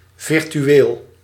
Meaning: 1. virtual (in effect or essence, rather than in fact or reality) 2. virtual (simulated in a computer and/or online)
- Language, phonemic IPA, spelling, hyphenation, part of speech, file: Dutch, /vɪrtyˈwel/, virtueel, vir‧tu‧eel, adjective, Nl-virtueel.ogg